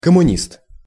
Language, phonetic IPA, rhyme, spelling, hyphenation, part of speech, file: Russian, [kəmʊˈnʲist], -ist, коммунист, ком‧му‧нист, noun, Ru-коммунист.ogg
- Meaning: communist (person who follows a communist or Marxist-Leninist philosophy)